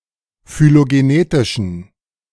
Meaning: inflection of phylogenetisch: 1. strong genitive masculine/neuter singular 2. weak/mixed genitive/dative all-gender singular 3. strong/weak/mixed accusative masculine singular 4. strong dative plural
- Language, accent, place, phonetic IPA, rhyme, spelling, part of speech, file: German, Germany, Berlin, [fyloɡeˈneːtɪʃn̩], -eːtɪʃn̩, phylogenetischen, adjective, De-phylogenetischen.ogg